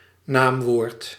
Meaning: noun (in the general sense, adjectives included)
- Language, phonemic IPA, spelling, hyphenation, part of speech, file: Dutch, /ˈnaːmʋoːrt/, naamwoord, naam‧woord, noun, Nl-naamwoord.ogg